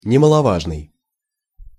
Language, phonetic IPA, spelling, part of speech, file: Russian, [nʲɪməɫɐˈvaʐnɨj], немаловажный, adjective, Ru-немаловажный.ogg
- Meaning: of no small importance/account